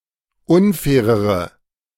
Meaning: inflection of unfair: 1. strong/mixed nominative/accusative feminine singular comparative degree 2. strong nominative/accusative plural comparative degree
- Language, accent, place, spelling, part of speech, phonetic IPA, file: German, Germany, Berlin, unfairere, adjective, [ˈʊnˌfɛːʁəʁə], De-unfairere.ogg